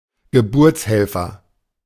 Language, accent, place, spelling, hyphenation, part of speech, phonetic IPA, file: German, Germany, Berlin, Geburtshelfer, Ge‧burts‧hel‧fer, noun, [ɡəˈbʊʁt͡sˌhɛlfɐ], De-Geburtshelfer.ogg
- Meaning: midwife (male), accoucheur, obstetrician